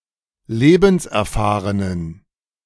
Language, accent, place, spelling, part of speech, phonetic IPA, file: German, Germany, Berlin, lebenserfahrenen, adjective, [ˈleːbn̩sʔɛɐ̯ˌfaːʁənən], De-lebenserfahrenen.ogg
- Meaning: inflection of lebenserfahren: 1. strong genitive masculine/neuter singular 2. weak/mixed genitive/dative all-gender singular 3. strong/weak/mixed accusative masculine singular 4. strong dative plural